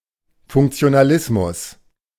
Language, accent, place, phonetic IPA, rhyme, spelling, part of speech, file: German, Germany, Berlin, [fʊŋkt͡si̯onaˈlɪsmʊs], -ɪsmʊs, Funktionalismus, noun, De-Funktionalismus.ogg
- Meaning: functionalism